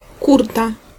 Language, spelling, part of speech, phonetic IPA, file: Polish, kurta, noun, [ˈkurta], Pl-kurta.ogg